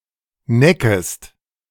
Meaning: second-person singular subjunctive I of necken
- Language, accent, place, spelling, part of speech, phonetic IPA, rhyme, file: German, Germany, Berlin, neckest, verb, [ˈnɛkəst], -ɛkəst, De-neckest.ogg